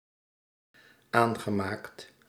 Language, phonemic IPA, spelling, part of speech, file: Dutch, /ˈaŋɣəˌmakt/, aangemaakt, verb, Nl-aangemaakt.ogg
- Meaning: past participle of aanmaken